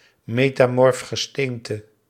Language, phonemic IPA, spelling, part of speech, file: Dutch, /metaˈmɔrᵊfxəˌstentə/, metamorf gesteente, noun, Nl-metamorf gesteente.ogg
- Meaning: metamorphic rock